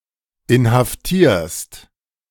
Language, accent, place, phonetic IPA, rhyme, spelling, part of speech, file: German, Germany, Berlin, [ɪnhafˈtiːɐ̯st], -iːɐ̯st, inhaftierst, verb, De-inhaftierst.ogg
- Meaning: second-person singular present of inhaftieren